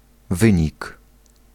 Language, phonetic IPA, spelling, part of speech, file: Polish, [ˈvɨ̃ɲik], wynik, noun, Pl-wynik.ogg